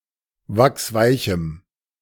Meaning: strong dative masculine/neuter singular of wachsweich
- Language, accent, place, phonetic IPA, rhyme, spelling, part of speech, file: German, Germany, Berlin, [ˈvaksˈvaɪ̯çm̩], -aɪ̯çm̩, wachsweichem, adjective, De-wachsweichem.ogg